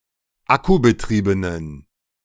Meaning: inflection of akkubetrieben: 1. strong genitive masculine/neuter singular 2. weak/mixed genitive/dative all-gender singular 3. strong/weak/mixed accusative masculine singular 4. strong dative plural
- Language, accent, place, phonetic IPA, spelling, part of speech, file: German, Germany, Berlin, [ˈakubəˌtʁiːbənən], akkubetriebenen, adjective, De-akkubetriebenen.ogg